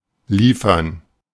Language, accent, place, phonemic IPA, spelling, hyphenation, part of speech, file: German, Germany, Berlin, /ˈliːfɐn/, liefern, lie‧fern, verb, De-liefern.ogg
- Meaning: 1. to supply, provide 2. to deliver (goods, an order, etc.) 3. to yield (to produce an outcome) (of crops) 4. to research, to read up on (information) 5. to fight (a battle, a duel, a war)